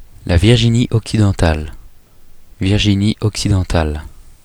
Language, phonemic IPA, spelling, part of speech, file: French, /viʁ.ʒi.ni.ɔk.si.dɑ̃.tal/, Virginie-Occidentale, proper noun, Fr-Virginie-Occidentale.oga
- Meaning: West Virginia (a state of the United States)